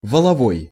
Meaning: gross (total before any deductions)
- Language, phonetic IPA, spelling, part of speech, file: Russian, [vəɫɐˈvoj], валовой, adjective, Ru-валовой.ogg